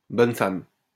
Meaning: female equivalent of bonhomme: a woman, often elderly; an old wife
- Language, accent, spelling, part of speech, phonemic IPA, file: French, France, bonne femme, noun, /bɔn fam/, LL-Q150 (fra)-bonne femme.wav